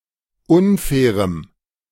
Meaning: strong dative masculine/neuter singular of unfair
- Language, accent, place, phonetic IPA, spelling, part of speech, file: German, Germany, Berlin, [ˈʊnˌfɛːʁəm], unfairem, adjective, De-unfairem.ogg